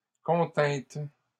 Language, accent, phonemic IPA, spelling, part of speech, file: French, Canada, /kɔ̃.tɛ̃t/, contîntes, verb, LL-Q150 (fra)-contîntes.wav
- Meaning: second-person plural past historic of contenir